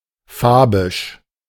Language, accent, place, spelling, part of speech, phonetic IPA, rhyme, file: German, Germany, Berlin, fabisch, adjective, [ˈfaːbɪʃ], -aːbɪʃ, De-fabisch.ogg
- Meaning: Fabian